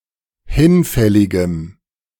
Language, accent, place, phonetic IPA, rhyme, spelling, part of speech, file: German, Germany, Berlin, [ˈhɪnˌfɛlɪɡəm], -ɪnfɛlɪɡəm, hinfälligem, adjective, De-hinfälligem.ogg
- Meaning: strong dative masculine/neuter singular of hinfällig